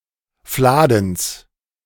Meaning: genitive singular of Fladen
- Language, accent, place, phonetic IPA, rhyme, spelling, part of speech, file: German, Germany, Berlin, [ˈflaːdn̩s], -aːdn̩s, Fladens, noun, De-Fladens.ogg